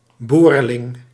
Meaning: a newborn child, a newborn
- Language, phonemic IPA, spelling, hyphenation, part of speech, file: Dutch, /ˈboː.rəˌlɪŋ/, boreling, bo‧re‧ling, noun, Nl-boreling.ogg